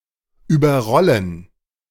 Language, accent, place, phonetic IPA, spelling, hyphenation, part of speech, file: German, Germany, Berlin, [yːbɐˈʁɔlən], überrollen, über‧rol‧len, verb, De-überrollen.ogg
- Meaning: 1. to run over (i.e. by a vehicle) 2. to overrun